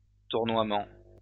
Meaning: 1. spin, whirl 2. whirling, swirling
- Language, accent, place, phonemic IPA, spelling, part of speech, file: French, France, Lyon, /tuʁ.nwa.mɑ̃/, tournoiement, noun, LL-Q150 (fra)-tournoiement.wav